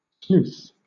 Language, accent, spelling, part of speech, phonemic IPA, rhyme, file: English, Southern England, sleuth, noun / verb, /sluːθ/, -uːθ, LL-Q1860 (eng)-sleuth.wav
- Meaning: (noun) 1. A detective 2. A sleuthhound; a bloodhound 3. An animal’s trail or track; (verb) To act as a detective; to try to discover who committed a crime, or, more generally, to solve a mystery